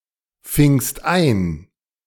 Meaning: second-person singular preterite of einfangen
- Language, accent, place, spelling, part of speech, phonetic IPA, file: German, Germany, Berlin, fingst ein, verb, [ˌfɪŋst ˈaɪ̯n], De-fingst ein.ogg